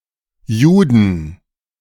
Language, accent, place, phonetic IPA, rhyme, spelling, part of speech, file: German, Germany, Berlin, [ˈjuːdn̩], -uːdn̩, Juden, noun, De-Juden.ogg
- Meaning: 1. genitive singular of Jude 2. dative singular of Jude 3. accusative singular of Jude 4. plural of Jude